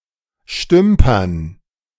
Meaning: dative plural of Stümper
- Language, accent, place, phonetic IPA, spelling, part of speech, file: German, Germany, Berlin, [ˈʃtʏmpɐn], Stümpern, noun, De-Stümpern.ogg